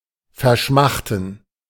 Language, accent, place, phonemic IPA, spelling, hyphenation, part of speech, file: German, Germany, Berlin, /ferˈʃmaxtən/, verschmachten, ver‧schmach‧ten, verb, De-verschmachten.ogg
- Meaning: to swelter, languish (especially due to thirst, hunger or heat)